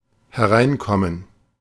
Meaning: to come in (when the speaker is inside)
- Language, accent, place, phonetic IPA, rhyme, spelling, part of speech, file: German, Germany, Berlin, [hɛˈʁaɪ̯nˌkɔmən], -aɪ̯nkɔmən, hereinkommen, verb, De-hereinkommen.ogg